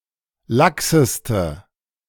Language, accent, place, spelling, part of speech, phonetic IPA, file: German, Germany, Berlin, laxeste, adjective, [ˈlaksəstə], De-laxeste.ogg
- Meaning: inflection of lax: 1. strong/mixed nominative/accusative feminine singular superlative degree 2. strong nominative/accusative plural superlative degree